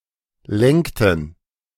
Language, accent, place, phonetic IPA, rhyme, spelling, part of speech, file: German, Germany, Berlin, [ˈlɛŋktn̩], -ɛŋktn̩, lenkten, verb, De-lenkten.ogg
- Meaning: inflection of lenken: 1. first/third-person plural preterite 2. first/third-person plural subjunctive II